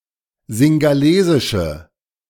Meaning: inflection of singhalesisch: 1. strong/mixed nominative/accusative feminine singular 2. strong nominative/accusative plural 3. weak nominative all-gender singular
- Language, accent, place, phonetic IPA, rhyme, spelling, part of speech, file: German, Germany, Berlin, [zɪŋɡaˈleːzɪʃə], -eːzɪʃə, singhalesische, adjective, De-singhalesische.ogg